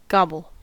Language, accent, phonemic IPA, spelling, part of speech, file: English, US, /ˈɡɑbl̩/, gobble, verb / noun, En-us-gobble.ogg
- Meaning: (verb) To eat hastily or greedily; to scoff or scarf (often used with up); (noun) 1. Fellatio; a blowjob 2. An act of eating hastily or greedily